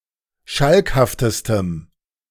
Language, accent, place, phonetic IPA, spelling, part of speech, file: German, Germany, Berlin, [ˈʃalkhaftəstəm], schalkhaftestem, adjective, De-schalkhaftestem.ogg
- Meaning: strong dative masculine/neuter singular superlative degree of schalkhaft